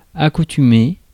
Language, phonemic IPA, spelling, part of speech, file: French, /a.ku.ty.me/, accoutumé, adjective / verb, Fr-accoutumé.ogg
- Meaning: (adjective) accustomed; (verb) past participle of accoutumer